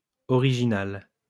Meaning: feminine singular of original
- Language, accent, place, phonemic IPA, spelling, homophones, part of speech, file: French, France, Lyon, /ɔ.ʁi.ʒi.nal/, originale, original / originales, adjective, LL-Q150 (fra)-originale.wav